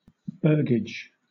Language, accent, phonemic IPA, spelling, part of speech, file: English, Southern England, /ˈbɜːɡɪd͡ʒ/, burgage, noun, LL-Q1860 (eng)-burgage.wav